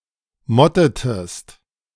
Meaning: inflection of motten: 1. second-person singular preterite 2. second-person singular subjunctive II
- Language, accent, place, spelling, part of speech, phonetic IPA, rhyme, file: German, Germany, Berlin, mottetest, verb, [ˈmɔtətəst], -ɔtətəst, De-mottetest.ogg